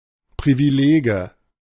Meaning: nominative/accusative/genitive plural of Privileg
- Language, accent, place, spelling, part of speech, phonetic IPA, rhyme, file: German, Germany, Berlin, Privilege, noun, [ˌpʁiviˈleːɡə], -eːɡə, De-Privilege.ogg